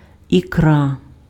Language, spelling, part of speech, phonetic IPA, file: Ukrainian, ікра, noun, [iˈkra], Uk-ікра.ogg
- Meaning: roe, ikra, caviar